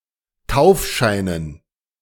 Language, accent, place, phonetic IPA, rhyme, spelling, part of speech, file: German, Germany, Berlin, [ˈtaʊ̯fˌʃaɪ̯nən], -aʊ̯fʃaɪ̯nən, Taufscheinen, noun, De-Taufscheinen.ogg
- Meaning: dative plural of Taufschein